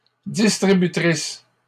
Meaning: plural of distributrice
- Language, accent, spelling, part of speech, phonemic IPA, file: French, Canada, distributrices, noun, /dis.tʁi.by.tʁis/, LL-Q150 (fra)-distributrices.wav